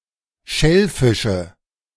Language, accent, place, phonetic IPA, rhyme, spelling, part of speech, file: German, Germany, Berlin, [ˈʃɛlˌfɪʃə], -ɛlfɪʃə, Schellfische, noun, De-Schellfische.ogg
- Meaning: nominative/accusative/genitive plural of Schellfisch